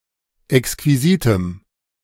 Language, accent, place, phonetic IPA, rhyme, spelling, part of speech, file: German, Germany, Berlin, [ɛkskviˈziːtəm], -iːtəm, exquisitem, adjective, De-exquisitem.ogg
- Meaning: strong dative masculine/neuter singular of exquisit